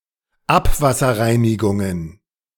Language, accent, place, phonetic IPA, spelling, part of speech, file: German, Germany, Berlin, [ˈapvasɐˌʁaɪ̯nɪɡʊŋən], Abwasserreinigungen, noun, De-Abwasserreinigungen.ogg
- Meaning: plural of Abwasserreinigung